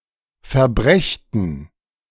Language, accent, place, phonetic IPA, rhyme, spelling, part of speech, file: German, Germany, Berlin, [fɛɐ̯ˈbʁɛçtn̩], -ɛçtn̩, verbrächten, verb, De-verbrächten.ogg
- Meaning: first-person plural subjunctive II of verbringen